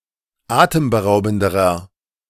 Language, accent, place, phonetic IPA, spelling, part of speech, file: German, Germany, Berlin, [ˈaːtəmbəˌʁaʊ̯bn̩dəʁɐ], atemberaubenderer, adjective, De-atemberaubenderer.ogg
- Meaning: inflection of atemberaubend: 1. strong/mixed nominative masculine singular comparative degree 2. strong genitive/dative feminine singular comparative degree